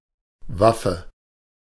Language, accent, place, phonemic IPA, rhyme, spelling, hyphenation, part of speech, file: German, Germany, Berlin, /ˈvafə/, -afə, Waffe, Waf‧fe, noun, De-Waffe.ogg
- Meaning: weapon, arm